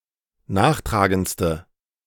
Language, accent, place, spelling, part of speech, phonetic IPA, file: German, Germany, Berlin, nachtragendste, adjective, [ˈnaːxˌtʁaːɡənt͡stə], De-nachtragendste.ogg
- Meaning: inflection of nachtragend: 1. strong/mixed nominative/accusative feminine singular superlative degree 2. strong nominative/accusative plural superlative degree